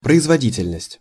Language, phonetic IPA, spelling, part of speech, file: Russian, [prəɪzvɐˈdʲitʲɪlʲnəsʲtʲ], производительность, noun, Ru-производительность.ogg
- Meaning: 1. productivity (state of being productive) 2. efficiency 3. performance 4. reproduction